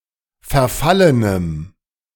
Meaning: strong dative masculine/neuter singular of verfallen
- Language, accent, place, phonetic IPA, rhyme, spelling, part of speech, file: German, Germany, Berlin, [fɛɐ̯ˈfalənəm], -alənəm, verfallenem, adjective, De-verfallenem.ogg